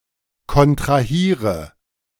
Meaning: inflection of kontrahieren: 1. first-person singular present 2. first/third-person singular subjunctive I 3. singular imperative
- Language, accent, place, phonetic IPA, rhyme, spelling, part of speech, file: German, Germany, Berlin, [kɔntʁaˈhiːʁə], -iːʁə, kontrahiere, verb, De-kontrahiere.ogg